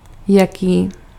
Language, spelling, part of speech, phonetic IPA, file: Czech, jaký, pronoun, [ˈjakiː], Cs-jaký.ogg
- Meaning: 1. what 2. what kind of